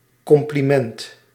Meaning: compliment
- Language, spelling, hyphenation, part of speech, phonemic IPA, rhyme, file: Dutch, compliment, com‧pli‧ment, noun, /ˌkɔm.pliˈmɛnt/, -ɛnt, Nl-compliment.ogg